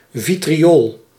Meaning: vitriol (substance containing metallic sulfates)
- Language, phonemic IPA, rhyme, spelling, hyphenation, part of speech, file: Dutch, /ˌvi.triˈoːl/, -oːl, vitriool, vi‧tri‧ool, noun, Nl-vitriool.ogg